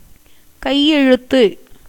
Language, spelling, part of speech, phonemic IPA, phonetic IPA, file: Tamil, கையெழுத்து, noun, /kɐɪ̯jɛɻʊt̪ːɯ/, [kɐɪ̯je̞ɻʊt̪ːɯ], Ta-கையெழுத்து.ogg
- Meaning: 1. handwriting 2. signature, autograph 3. written agreement